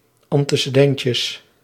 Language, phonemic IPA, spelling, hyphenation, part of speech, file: Dutch, /ɑn.tə.səˈdɛn.tjəs/, antecedentjes, an‧te‧ce‧den‧tjes, noun, Nl-antecedentjes.ogg
- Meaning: plural of antecedentje